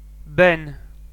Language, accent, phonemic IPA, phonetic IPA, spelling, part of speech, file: Armenian, Eastern Armenian, /ben/, [ben], բեն, noun, Hy-EA-բեն.ogg
- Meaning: the name of the Armenian letter բ (b)